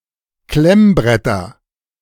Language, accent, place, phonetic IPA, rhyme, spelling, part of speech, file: German, Germany, Berlin, [ˈklɛmˌbʁɛtɐ], -ɛmbʁɛtɐ, Klemmbretter, noun, De-Klemmbretter.ogg
- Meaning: nominative/accusative/genitive plural of Klemmbrett